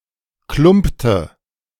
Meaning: inflection of klumpen: 1. first/third-person singular preterite 2. first/third-person singular subjunctive II
- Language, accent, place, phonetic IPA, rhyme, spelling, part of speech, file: German, Germany, Berlin, [ˈklʊmptə], -ʊmptə, klumpte, verb, De-klumpte.ogg